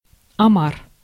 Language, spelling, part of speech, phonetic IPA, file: Russian, омар, noun, [ɐˈmar], Ru-омар.ogg
- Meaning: lobster